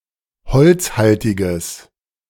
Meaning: strong/mixed nominative/accusative neuter singular of holzhaltig
- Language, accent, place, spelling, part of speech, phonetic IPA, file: German, Germany, Berlin, holzhaltiges, adjective, [ˈhɔlt͡sˌhaltɪɡəs], De-holzhaltiges.ogg